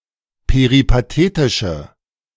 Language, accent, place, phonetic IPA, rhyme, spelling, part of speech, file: German, Germany, Berlin, [peʁipaˈteːtɪʃə], -eːtɪʃə, peripatetische, adjective, De-peripatetische.ogg
- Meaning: inflection of peripatetisch: 1. strong/mixed nominative/accusative feminine singular 2. strong nominative/accusative plural 3. weak nominative all-gender singular